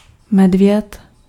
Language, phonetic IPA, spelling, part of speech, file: Czech, [ˈmɛdvjɛt], medvěd, noun, Cs-medvěd.ogg
- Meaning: bear